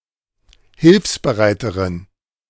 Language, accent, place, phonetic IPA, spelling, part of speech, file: German, Germany, Berlin, [ˈhɪlfsbəˌʁaɪ̯təʁən], hilfsbereiteren, adjective, De-hilfsbereiteren.ogg
- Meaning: inflection of hilfsbereit: 1. strong genitive masculine/neuter singular comparative degree 2. weak/mixed genitive/dative all-gender singular comparative degree